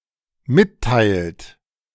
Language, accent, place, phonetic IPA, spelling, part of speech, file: German, Germany, Berlin, [ˈmɪtˌtaɪ̯lt], mitteilt, verb, De-mitteilt.ogg
- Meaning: inflection of mitteilen: 1. third-person singular dependent present 2. second-person plural dependent present